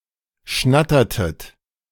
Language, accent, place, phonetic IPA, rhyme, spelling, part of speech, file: German, Germany, Berlin, [ˈʃnatɐtət], -atɐtət, schnattertet, verb, De-schnattertet.ogg
- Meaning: inflection of schnattern: 1. second-person plural preterite 2. second-person plural subjunctive II